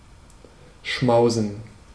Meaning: to feast
- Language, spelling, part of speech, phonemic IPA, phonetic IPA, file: German, schmausen, verb, /ˈʃmaʊ̯zən/, [ˈʃmaʊ̯zn̩], De-schmausen.ogg